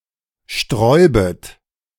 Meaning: second-person plural subjunctive I of sträuben
- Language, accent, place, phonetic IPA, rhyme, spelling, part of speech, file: German, Germany, Berlin, [ˈʃtʁɔɪ̯bət], -ɔɪ̯bət, sträubet, verb, De-sträubet.ogg